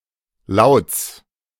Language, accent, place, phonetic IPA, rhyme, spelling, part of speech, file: German, Germany, Berlin, [laʊ̯t͡s], -aʊ̯t͡s, Lauts, noun, De-Lauts.ogg
- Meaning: genitive singular of Laut